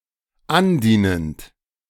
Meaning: present participle of andienen
- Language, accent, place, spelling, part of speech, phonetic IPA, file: German, Germany, Berlin, andienend, verb, [ˈanˌdiːnənt], De-andienend.ogg